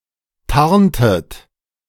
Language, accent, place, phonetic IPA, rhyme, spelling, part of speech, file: German, Germany, Berlin, [ˈtaʁntət], -aʁntət, tarntet, verb, De-tarntet.ogg
- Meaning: inflection of tarnen: 1. second-person plural preterite 2. second-person plural subjunctive II